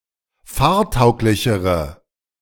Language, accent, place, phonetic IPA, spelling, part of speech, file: German, Germany, Berlin, [ˈfaːɐ̯ˌtaʊ̯klɪçəʁə], fahrtauglichere, adjective, De-fahrtauglichere.ogg
- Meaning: inflection of fahrtauglich: 1. strong/mixed nominative/accusative feminine singular comparative degree 2. strong nominative/accusative plural comparative degree